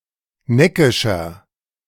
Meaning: 1. comparative degree of neckisch 2. inflection of neckisch: strong/mixed nominative masculine singular 3. inflection of neckisch: strong genitive/dative feminine singular
- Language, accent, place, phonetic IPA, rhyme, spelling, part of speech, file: German, Germany, Berlin, [ˈnɛkɪʃɐ], -ɛkɪʃɐ, neckischer, adjective, De-neckischer.ogg